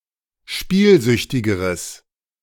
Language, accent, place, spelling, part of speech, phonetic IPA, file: German, Germany, Berlin, spielsüchtigeres, adjective, [ˈʃpiːlˌzʏçtɪɡəʁəs], De-spielsüchtigeres.ogg
- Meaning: strong/mixed nominative/accusative neuter singular comparative degree of spielsüchtig